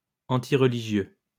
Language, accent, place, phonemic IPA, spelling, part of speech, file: French, France, Lyon, /ɑ̃.ti.ʁ(ə).li.ʒjø/, antireligieux, adjective, LL-Q150 (fra)-antireligieux.wav
- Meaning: antireligious